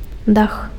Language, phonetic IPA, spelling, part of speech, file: Belarusian, [dax], дах, noun, Be-дах.ogg
- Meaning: roof (the cover at the top of a building)